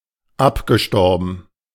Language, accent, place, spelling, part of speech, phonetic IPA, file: German, Germany, Berlin, abgestorben, adjective / verb, [ˈapɡəˌʃtɔʁbn̩], De-abgestorben.ogg
- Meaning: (verb) past participle of absterben; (adjective) 1. dead, necrotic 2. mortified